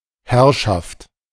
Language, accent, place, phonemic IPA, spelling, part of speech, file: German, Germany, Berlin, /ˈhɛʁʃaft/, Herrschaft, noun, De-Herrschaft.ogg
- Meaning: 1. lordship, reign, rule, dominion 2. feudal district: fiefdom, feudal manor, seigniory 3. ladies and gentlemen (used to courtly address an audience)